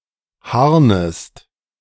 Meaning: second-person singular subjunctive I of harnen
- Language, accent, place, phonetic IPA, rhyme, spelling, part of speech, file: German, Germany, Berlin, [ˈhaʁnəst], -aʁnəst, harnest, verb, De-harnest.ogg